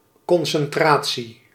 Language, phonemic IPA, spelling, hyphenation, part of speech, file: Dutch, /ˌkɔn.sɛnˈtraː.(t)si/, concentratie, con‧cen‧tra‧tie, noun, Nl-concentratie.ogg
- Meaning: 1. concentration (ability to focus one's attention) 2. concentration (amount of a substance relative to a total or volume) 3. concentration (amassment, grouping)